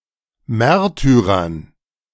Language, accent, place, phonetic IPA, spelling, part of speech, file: German, Germany, Berlin, [ˈmɛʁtyʁɐn], Märtyrern, noun, De-Märtyrern.ogg
- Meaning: dative plural of Märtyrer